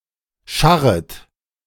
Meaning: second-person plural subjunctive I of scharren
- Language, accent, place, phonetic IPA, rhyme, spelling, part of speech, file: German, Germany, Berlin, [ˈʃaʁət], -aʁət, scharret, verb, De-scharret.ogg